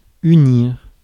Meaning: 1. to unite, join 2. to combine
- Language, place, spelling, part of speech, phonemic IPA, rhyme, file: French, Paris, unir, verb, /y.niʁ/, -iʁ, Fr-unir.ogg